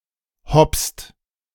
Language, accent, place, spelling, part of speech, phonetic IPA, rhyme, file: German, Germany, Berlin, hopst, verb, [hɔpst], -ɔpst, De-hopst.ogg
- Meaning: inflection of hopsen: 1. second-person plural present 2. third-person singular present 3. plural imperative